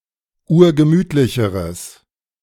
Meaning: strong/mixed nominative/accusative neuter singular comparative degree of urgemütlich
- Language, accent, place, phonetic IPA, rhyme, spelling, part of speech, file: German, Germany, Berlin, [ˈuːɐ̯ɡəˈmyːtlɪçəʁəs], -yːtlɪçəʁəs, urgemütlicheres, adjective, De-urgemütlicheres.ogg